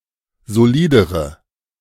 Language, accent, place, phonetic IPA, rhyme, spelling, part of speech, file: German, Germany, Berlin, [zoˈliːdəʁə], -iːdəʁə, solidere, adjective, De-solidere.ogg
- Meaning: inflection of solid: 1. strong/mixed nominative/accusative feminine singular comparative degree 2. strong nominative/accusative plural comparative degree